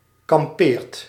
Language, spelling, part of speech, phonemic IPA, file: Dutch, kampeert, verb, /kɑmˈpeːrt/, Nl-kampeert.ogg
- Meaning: inflection of kamperen: 1. second/third-person singular present indicative 2. plural imperative